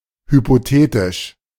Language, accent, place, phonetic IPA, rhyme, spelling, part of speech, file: German, Germany, Berlin, [hypoˈteːtɪʃ], -eːtɪʃ, hypothetisch, adjective, De-hypothetisch.ogg
- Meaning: hypothetic, hypothetical